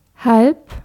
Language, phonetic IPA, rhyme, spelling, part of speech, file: German, [halp], -alp, halb, adjective / adverb, De-halb.ogg
- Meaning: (adjective) half, halfway; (adverb) a half-hour before, thirty minutes before (used with the number of the following hour)